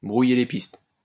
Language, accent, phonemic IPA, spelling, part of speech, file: French, France, /bʁu.je le pist/, brouiller les pistes, verb, LL-Q150 (fra)-brouiller les pistes.wav
- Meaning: to cover one's tracks; to muddy the waters; to cloud the issue, to confuse the issue